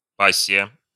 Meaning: passion, flame (object of passionate love or strong interest)
- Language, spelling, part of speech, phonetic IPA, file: Russian, пассия, noun, [ˈpasʲːɪjə], Ru-пассия.ogg